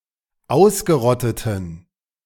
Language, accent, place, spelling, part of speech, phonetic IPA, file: German, Germany, Berlin, ausgerotteten, adjective, [ˈaʊ̯sɡəˌʁɔtətn̩], De-ausgerotteten.ogg
- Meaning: inflection of ausgerottet: 1. strong genitive masculine/neuter singular 2. weak/mixed genitive/dative all-gender singular 3. strong/weak/mixed accusative masculine singular 4. strong dative plural